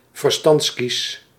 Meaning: wisdom tooth
- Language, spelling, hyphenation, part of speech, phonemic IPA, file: Dutch, verstandskies, ver‧stands‧kies, noun, /vərˈstɑntsˌkis/, Nl-verstandskies.ogg